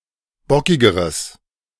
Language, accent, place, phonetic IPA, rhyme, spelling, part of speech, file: German, Germany, Berlin, [ˈbɔkɪɡəʁəs], -ɔkɪɡəʁəs, bockigeres, adjective, De-bockigeres.ogg
- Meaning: strong/mixed nominative/accusative neuter singular comparative degree of bockig